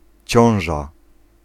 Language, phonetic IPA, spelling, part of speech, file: Polish, [ˈt͡ɕɔ̃w̃ʒa], ciąża, noun, Pl-ciąża.ogg